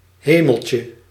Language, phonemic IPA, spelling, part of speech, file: Dutch, /ˈheməlcə/, hemeltje, noun, Nl-hemeltje.ogg
- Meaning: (noun) diminutive of hemel; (interjection) synonym of mijn hemel (“my goodness!; heavens!”)